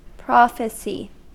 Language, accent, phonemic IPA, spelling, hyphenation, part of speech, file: English, US, /ˈpɹɑfɪsi/, prophecy, pro‧phe‧cy, noun, En-us-prophecy.ogg
- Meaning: 1. A prediction, especially one made by a prophet or under divine inspiration 2. The public interpretation of Scripture